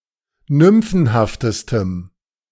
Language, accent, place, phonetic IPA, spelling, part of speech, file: German, Germany, Berlin, [ˈnʏmfn̩haftəstəm], nymphenhaftestem, adjective, De-nymphenhaftestem.ogg
- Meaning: strong dative masculine/neuter singular superlative degree of nymphenhaft